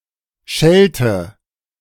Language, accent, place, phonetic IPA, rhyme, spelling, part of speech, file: German, Germany, Berlin, [ˈʃɛltə], -ɛltə, schellte, verb, De-schellte.ogg
- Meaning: inflection of schellen: 1. first/third-person singular preterite 2. first/third-person singular subjunctive II